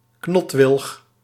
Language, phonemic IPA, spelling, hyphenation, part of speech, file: Dutch, /ˈknɔt.ʋɪlx/, knotwilg, knot‧wilg, noun, Nl-knotwilg.ogg
- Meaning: a pollarded willow, knotted willow